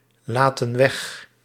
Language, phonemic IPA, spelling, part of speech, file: Dutch, /ˈlatə(n) ˈwɛx/, laten weg, verb, Nl-laten weg.ogg
- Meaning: inflection of weglaten: 1. plural present indicative 2. plural present subjunctive